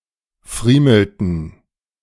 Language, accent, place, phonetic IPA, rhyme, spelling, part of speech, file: German, Germany, Berlin, [ˈfʁiːml̩tn̩], -iːml̩tn̩, friemelten, verb, De-friemelten.ogg
- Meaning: inflection of friemeln: 1. first/third-person plural preterite 2. first/third-person plural subjunctive II